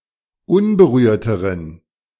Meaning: inflection of unberührt: 1. strong genitive masculine/neuter singular comparative degree 2. weak/mixed genitive/dative all-gender singular comparative degree
- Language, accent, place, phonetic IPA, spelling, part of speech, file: German, Germany, Berlin, [ˈʊnbəˌʁyːɐ̯təʁən], unberührteren, adjective, De-unberührteren.ogg